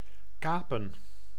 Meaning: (verb) to hijack, to privateer, to (illegally) seize control of something - especially ships or vehicles - by force; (noun) plural of kaap
- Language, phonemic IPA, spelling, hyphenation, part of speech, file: Dutch, /ˈkaː.pə(n)/, kapen, ka‧pen, verb / noun, Nl-kapen.ogg